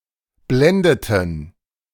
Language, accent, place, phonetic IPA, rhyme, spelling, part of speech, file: German, Germany, Berlin, [ˈblɛndətn̩], -ɛndətn̩, blendeten, verb, De-blendeten.ogg
- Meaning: inflection of blenden: 1. first/third-person plural preterite 2. first/third-person plural subjunctive II